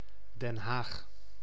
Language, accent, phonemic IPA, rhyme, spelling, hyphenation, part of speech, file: Dutch, Netherlands, /dɛn ˈɦaːx/, -aːx, Den Haag, Den Haag, proper noun, Nl-Den Haag.ogg
- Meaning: The Hague (a city and municipality, the capital of South Holland, Netherlands; the administrative capital of the Netherlands)